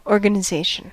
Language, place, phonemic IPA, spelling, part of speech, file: English, California, /ˌoɹ.ɡə.nɪˈzeɪ.ʃən/, organisation, noun, En-us-organisation.ogg
- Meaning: Non-Oxford British English and Australian standard spelling of organization